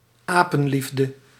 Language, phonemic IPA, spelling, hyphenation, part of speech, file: Dutch, /ˈaː.pə(n)ˌlif.də/, apenliefde, apen‧lief‧de, noun, Nl-apenliefde.ogg
- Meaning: ill-conceived blind love that is detrimental to the recipient